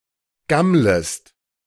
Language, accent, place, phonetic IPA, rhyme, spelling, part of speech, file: German, Germany, Berlin, [ˈɡamləst], -amləst, gammlest, verb, De-gammlest.ogg
- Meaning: second-person singular subjunctive I of gammeln